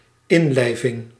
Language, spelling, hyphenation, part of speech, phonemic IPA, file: Dutch, inlijving, in‧lij‧ving, noun, /ˈɪnlɛɪvɪŋ/, Nl-inlijving.ogg
- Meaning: annexation